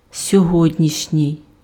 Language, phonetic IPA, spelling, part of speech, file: Ukrainian, [sʲɔˈɦɔdʲnʲiʃnʲii̯], сьогоднішній, adjective, Uk-сьогоднішній.ogg
- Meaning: today's, of today